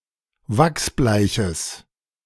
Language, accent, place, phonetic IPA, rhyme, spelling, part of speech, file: German, Germany, Berlin, [ˈvaksˈblaɪ̯çəs], -aɪ̯çəs, wachsbleiches, adjective, De-wachsbleiches.ogg
- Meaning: strong/mixed nominative/accusative neuter singular of wachsbleich